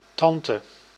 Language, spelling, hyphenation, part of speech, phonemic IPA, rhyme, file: Dutch, tante, tan‧te, noun, /ˈtɑn.tə/, -ɑntə, Nl-tante.ogg
- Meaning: 1. aunt (sister or sister-in-law of a parent) 2. a woman, especially an older or assertive one